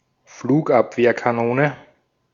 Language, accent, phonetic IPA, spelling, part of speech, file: German, Austria, [fluːkˈʔapveːɐ̯kaˌnoːnə], Flugabwehrkanone, noun, De-at-Flugabwehrkanone.ogg
- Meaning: synonym of Fliegerabwehrkanone